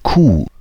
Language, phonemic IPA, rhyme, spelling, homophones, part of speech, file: German, /kuː/, -uː, Kuh, Q, noun, De-Kuh.ogg
- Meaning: cow (female bovine animal at or near adulthood)